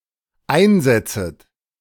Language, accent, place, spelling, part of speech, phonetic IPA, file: German, Germany, Berlin, einsetzet, verb, [ˈaɪ̯nˌzɛt͡sət], De-einsetzet.ogg
- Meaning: second-person plural dependent subjunctive I of einsetzen